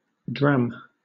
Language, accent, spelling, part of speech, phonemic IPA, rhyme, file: English, Southern England, dram, noun / verb, /dɹæm/, -æm, LL-Q1860 (eng)-dram.wav
- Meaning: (noun) A small unit of weight, variously: Alternative form of drachm (“One sixteenth of an ounce avoirdupois (1.77 g; symbol: ʒ)”)